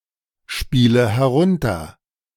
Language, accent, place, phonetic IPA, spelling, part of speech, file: German, Germany, Berlin, [ˌʃpiːlə hɛˈʁʊntɐ], spiele herunter, verb, De-spiele herunter.ogg
- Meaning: inflection of herunterspielen: 1. first-person singular present 2. first/third-person singular subjunctive I 3. singular imperative